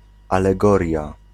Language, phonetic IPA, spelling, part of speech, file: Polish, [ˌalɛˈɡɔrʲja], alegoria, noun, Pl-alegoria.ogg